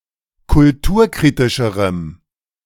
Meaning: strong dative masculine/neuter singular comparative degree of kulturkritisch
- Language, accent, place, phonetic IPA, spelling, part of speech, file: German, Germany, Berlin, [kʊlˈtuːɐ̯ˌkʁiːtɪʃəʁəm], kulturkritischerem, adjective, De-kulturkritischerem.ogg